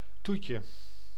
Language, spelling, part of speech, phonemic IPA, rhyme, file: Dutch, toetje, noun, /ˈtutjə/, -utjə, Nl-toetje.ogg
- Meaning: 1. dessert, afters 2. diminutive of toet